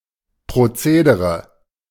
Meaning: procedure
- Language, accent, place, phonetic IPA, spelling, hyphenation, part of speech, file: German, Germany, Berlin, [pʁoˈt͡seːdəʁə], Prozedere, Pro‧ze‧de‧re, noun, De-Prozedere.ogg